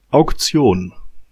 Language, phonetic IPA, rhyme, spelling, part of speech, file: German, [aʊ̯kˈt͡si̯oːn], -oːn, Auktion, noun, De-Auktion.oga
- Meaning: auction